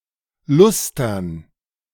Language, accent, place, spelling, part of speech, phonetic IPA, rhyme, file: German, Germany, Berlin, Lustern, noun, [ˈlʊstɐn], -ʊstɐn, De-Lustern.ogg
- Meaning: dative plural of Luster